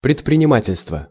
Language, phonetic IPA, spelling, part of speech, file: Russian, [prʲɪtprʲɪnʲɪˈmatʲɪlʲstvə], предпринимательство, noun, Ru-предпринимательство.ogg
- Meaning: entrepreneurship, enterprise